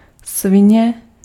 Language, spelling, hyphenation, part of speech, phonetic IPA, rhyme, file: Czech, svině, svi‧ně, noun, [ˈsvɪɲɛ], -ɪɲɛ, Cs-svině.ogg
- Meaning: 1. swine, sow (female pig) 2. swine, a contemptible person